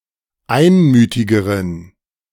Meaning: inflection of einmütig: 1. strong genitive masculine/neuter singular comparative degree 2. weak/mixed genitive/dative all-gender singular comparative degree
- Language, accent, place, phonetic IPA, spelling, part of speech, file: German, Germany, Berlin, [ˈaɪ̯nˌmyːtɪɡəʁən], einmütigeren, adjective, De-einmütigeren.ogg